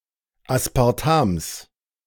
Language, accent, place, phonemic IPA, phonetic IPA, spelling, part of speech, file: German, Germany, Berlin, /aspaʁˈtams/, [ʔäspʰäʁˈtʰäms], Aspartams, noun, De-Aspartams.ogg
- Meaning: genitive singular of Aspartam